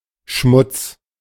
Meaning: 1. dirt 2. fat 3. a cocktail with equal parts beer and cola
- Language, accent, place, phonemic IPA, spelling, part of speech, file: German, Germany, Berlin, /ʃmʊt͡s/, Schmutz, noun, De-Schmutz.ogg